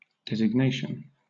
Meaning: 1. An act or instance of designating 2. Selection and appointment for a purpose or office 3. That which designates; a distinguishing mark or name; distinctive title; appellation
- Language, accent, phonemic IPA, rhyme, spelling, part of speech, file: English, Southern England, /dɛzɪɡˈneɪʃən/, -eɪʃən, designation, noun, LL-Q1860 (eng)-designation.wav